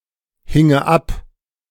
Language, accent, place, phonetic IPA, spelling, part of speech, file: German, Germany, Berlin, [ˌhɪŋə ˈap], hinge ab, verb, De-hinge ab.ogg
- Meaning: first/third-person singular subjunctive II of abhängen